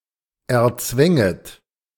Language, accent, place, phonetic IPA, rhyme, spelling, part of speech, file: German, Germany, Berlin, [ɛɐ̯ˈt͡svɛŋət], -ɛŋət, erzwänget, verb, De-erzwänget.ogg
- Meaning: second-person plural subjunctive II of erzwingen